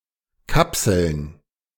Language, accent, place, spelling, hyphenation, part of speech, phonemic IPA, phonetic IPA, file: German, Germany, Berlin, kapseln, kap‧seln, verb, /ˈkapsəln/, [ˈkʰapsl̩n], De-kapseln.ogg
- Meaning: to encapsulate